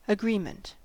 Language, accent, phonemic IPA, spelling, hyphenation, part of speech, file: English, US, /əˈɡɹiːmənt/, agreement, a‧gree‧ment, noun, En-us-agreement.ogg
- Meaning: 1. An understanding between entities to follow a specific course of conduct 2. A state whereby several parties share a view or opinion; the state of not contradicting one another